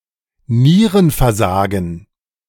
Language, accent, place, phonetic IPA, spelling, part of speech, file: German, Germany, Berlin, [ˈniːʁənfɛɐ̯ˌzaːɡn̩], Nierenversagen, noun, De-Nierenversagen.ogg
- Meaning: kidney failure, renal failure